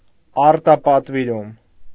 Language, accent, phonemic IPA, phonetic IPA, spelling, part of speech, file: Armenian, Eastern Armenian, /ɑɾtɑpɑtviˈɾum/, [ɑɾtɑpɑtviɾúm], արտապատվիրում, noun, Hy-արտապատվիրում.ogg
- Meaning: outsourcing